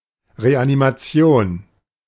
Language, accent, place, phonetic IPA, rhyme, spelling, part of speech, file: German, Germany, Berlin, [ʁeʔanimaˈt͡si̯oːn], -oːn, Reanimation, noun, De-Reanimation.ogg
- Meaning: reanimation, resuscitation